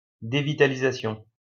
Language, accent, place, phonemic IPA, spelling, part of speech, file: French, France, Lyon, /de.vi.ta.li.za.sjɔ̃/, dévitalisation, noun, LL-Q150 (fra)-dévitalisation.wav
- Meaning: root canal surgery